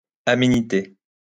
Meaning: niceness; agreeableness
- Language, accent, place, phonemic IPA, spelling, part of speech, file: French, France, Lyon, /a.me.ni.te/, aménité, noun, LL-Q150 (fra)-aménité.wav